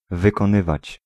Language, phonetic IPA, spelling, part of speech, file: Polish, [ˌvɨkɔ̃ˈnɨvat͡ɕ], wykonywać, verb, Pl-wykonywać.ogg